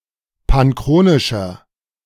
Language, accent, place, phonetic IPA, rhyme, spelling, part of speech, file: German, Germany, Berlin, [panˈkʁoːnɪʃɐ], -oːnɪʃɐ, panchronischer, adjective, De-panchronischer.ogg
- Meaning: inflection of panchronisch: 1. strong/mixed nominative masculine singular 2. strong genitive/dative feminine singular 3. strong genitive plural